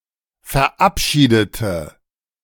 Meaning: inflection of verabschieden: 1. first/third-person singular preterite 2. first/third-person singular subjunctive II
- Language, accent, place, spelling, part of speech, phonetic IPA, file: German, Germany, Berlin, verabschiedete, adjective / verb, [fɛɐ̯ˈʔapˌʃiːdətə], De-verabschiedete.ogg